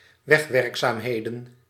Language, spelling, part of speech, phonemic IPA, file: Dutch, wegwerkzaamheden, noun, /ˈʋɛxʋɛrkzamhedə(n)/, Nl-wegwerkzaamheden.ogg
- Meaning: plural of wegwerkzaamheid